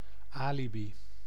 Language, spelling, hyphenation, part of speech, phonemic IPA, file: Dutch, alibi, ali‧bi, noun, /ˈaː.liˌbi/, Nl-alibi.ogg
- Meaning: alibi